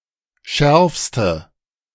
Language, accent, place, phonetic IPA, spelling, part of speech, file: German, Germany, Berlin, [ˈʃɛʁfstə], schärfste, adjective, De-schärfste.ogg
- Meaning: inflection of scharf: 1. strong/mixed nominative/accusative feminine singular superlative degree 2. strong nominative/accusative plural superlative degree